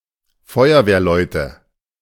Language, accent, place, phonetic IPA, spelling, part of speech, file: German, Germany, Berlin, [ˈfɔɪ̯ɐveːɐ̯ˌlɔɪ̯tə], Feuerwehrleute, noun, De-Feuerwehrleute.ogg
- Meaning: nominative/accusative/genitive plural of Feuerwehrmann (or including Feuerwehrfrauen)